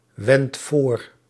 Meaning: inflection of voorwenden: 1. first-person singular present indicative 2. second-person singular present indicative 3. imperative
- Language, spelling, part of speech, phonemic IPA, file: Dutch, wend voor, verb, /ˈwɛnt ˈvor/, Nl-wend voor.ogg